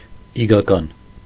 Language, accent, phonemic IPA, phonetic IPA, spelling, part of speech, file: Armenian, Eastern Armenian, /ikʰɑˈkɑn/, [ikʰɑkɑ́n], իգական, adjective, Hy-իգական.ogg
- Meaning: 1. female, feminine 2. feminine